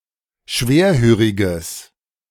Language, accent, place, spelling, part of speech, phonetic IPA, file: German, Germany, Berlin, schwerhöriges, adjective, [ˈʃveːɐ̯ˌhøːʁɪɡəs], De-schwerhöriges.ogg
- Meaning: strong/mixed nominative/accusative neuter singular of schwerhörig